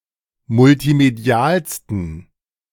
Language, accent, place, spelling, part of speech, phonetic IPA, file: German, Germany, Berlin, multimedialsten, adjective, [mʊltiˈmedi̯aːlstn̩], De-multimedialsten.ogg
- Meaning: 1. superlative degree of multimedial 2. inflection of multimedial: strong genitive masculine/neuter singular superlative degree